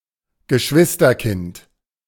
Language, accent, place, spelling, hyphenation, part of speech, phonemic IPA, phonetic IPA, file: German, Germany, Berlin, Geschwisterkind, Ge‧schwis‧ter‧kind, noun, /ɡəˈʃvɪstərˌkɪnt/, [ɡəˈʃʋɪs.tɐˌkɪnt], De-Geschwisterkind.ogg
- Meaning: 1. sibling (usually restricted to children and not used of adults) 2. child of a sibling, niece, nephew, or (in the plural, reciprocally) first cousins